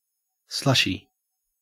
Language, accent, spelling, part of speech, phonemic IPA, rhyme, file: English, Australia, slushy, adjective / noun, /ˈslʌʃi/, -ʌʃi, En-au-slushy.ogg
- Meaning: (adjective) 1. Covered in slush 2. Having the consistency of slush 3. Of a person, soupy; sentimental; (noun) Alternative form of slushie (“flavoured frozen drink made with ice crystals”)